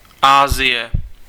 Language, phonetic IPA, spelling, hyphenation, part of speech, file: Czech, [ˈaːzɪjɛ], Asie, Asie, proper noun, Cs-Asie.ogg
- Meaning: Asia (the largest continent, located between Europe and the Pacific Ocean)